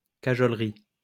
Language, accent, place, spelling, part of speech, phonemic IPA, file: French, France, Lyon, cajolerie, noun, /ka.ʒɔl.ʁi/, LL-Q150 (fra)-cajolerie.wav
- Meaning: 1. cuddling, hugging 2. cajolery